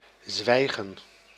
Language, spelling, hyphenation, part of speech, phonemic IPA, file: Dutch, zwijgen, zwij‧gen, verb, /ˈzʋɛi̯.ɣə(n)/, Nl-zwijgen.ogg
- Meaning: 1. to be silent, to shut one's mouth 2. to keep silent